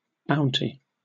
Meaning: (noun) 1. Generosity; also (countable) an act of generosity 2. Something given liberally; a gift 3. A reward for some specific act, especially one given by an authority or a government
- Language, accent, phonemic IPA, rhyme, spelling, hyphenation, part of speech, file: English, UK, /ˈbaʊnti/, -aʊnti, bounty, boun‧ty, noun / verb, En-uk-bounty.oga